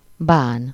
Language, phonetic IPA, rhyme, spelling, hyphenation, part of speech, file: Hungarian, [ˈbaːn], -aːn, bán, bán, verb / noun, Hu-bán.ogg
- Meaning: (verb) 1. to mind, to object to, to be bothered by 2. to regret; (noun) ban (title in the historical Kingdom of Croatia and the Kingdom of Hungary, like a palatine or governor of a province)